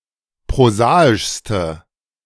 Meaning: inflection of prosaisch: 1. strong/mixed nominative/accusative feminine singular superlative degree 2. strong nominative/accusative plural superlative degree
- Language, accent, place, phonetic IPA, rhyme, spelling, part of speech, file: German, Germany, Berlin, [pʁoˈzaːɪʃstə], -aːɪʃstə, prosaischste, adjective, De-prosaischste.ogg